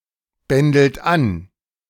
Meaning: inflection of anbändeln: 1. second-person plural present 2. third-person singular present 3. plural imperative
- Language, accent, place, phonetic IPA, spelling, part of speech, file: German, Germany, Berlin, [ˌbɛndl̩t ˈan], bändelt an, verb, De-bändelt an.ogg